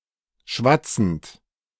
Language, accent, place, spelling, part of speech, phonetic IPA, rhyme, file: German, Germany, Berlin, schwatzend, verb, [ˈʃvat͡sn̩t], -at͡sn̩t, De-schwatzend.ogg
- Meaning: present participle of schwatzen